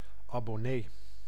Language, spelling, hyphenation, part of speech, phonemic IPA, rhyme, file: Dutch, abonnee, abon‧nee, noun, /ˌɑ.bɔˈneː/, -eː, Nl-abonnee.ogg
- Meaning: subscriber